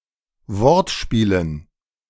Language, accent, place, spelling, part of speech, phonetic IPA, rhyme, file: German, Germany, Berlin, Wortspielen, noun, [ˈvɔʁtˌʃpiːlən], -ɔʁtʃpiːlən, De-Wortspielen.ogg
- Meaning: dative plural of Wortspiel